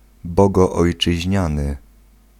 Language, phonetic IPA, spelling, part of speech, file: Polish, [ˌbɔɡɔːjt͡ʃɨʑˈɲãnɨ], bogoojczyźniany, adjective, Pl-bogoojczyźniany.ogg